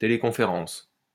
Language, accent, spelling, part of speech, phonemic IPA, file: French, France, téléconférence, noun, /te.le.kɔ̃.fe.ʁɑ̃s/, LL-Q150 (fra)-téléconférence.wav
- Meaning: teleconference